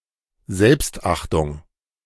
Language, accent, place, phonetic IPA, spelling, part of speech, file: German, Germany, Berlin, [ˈzɛlpstˌʔaχtʊŋ], Selbstachtung, noun, De-Selbstachtung.ogg
- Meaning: self-esteem